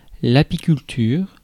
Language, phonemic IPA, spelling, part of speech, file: French, /a.pi.kyl.tyʁ/, apiculture, noun, Fr-apiculture.ogg
- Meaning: beekeeping, apiculture